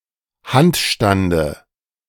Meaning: dative singular of Handstand
- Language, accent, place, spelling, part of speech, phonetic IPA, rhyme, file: German, Germany, Berlin, Handstande, noun, [ˈhantˌʃtandə], -antʃtandə, De-Handstande.ogg